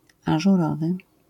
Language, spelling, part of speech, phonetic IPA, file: Polish, ażurowy, adjective, [ˌaʒuˈrɔvɨ], LL-Q809 (pol)-ażurowy.wav